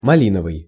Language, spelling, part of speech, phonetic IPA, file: Russian, малиновый, adjective, [mɐˈlʲinəvɨj], Ru-малиновый.ogg
- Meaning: 1. raspberry 2. crimson (color) 3. having a pleasant, soft timbre